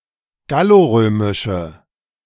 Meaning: inflection of gallorömisch: 1. strong/mixed nominative/accusative feminine singular 2. strong nominative/accusative plural 3. weak nominative all-gender singular
- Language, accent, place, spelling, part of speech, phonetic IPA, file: German, Germany, Berlin, gallorömische, adjective, [ˈɡaloˌʁøːmɪʃə], De-gallorömische.ogg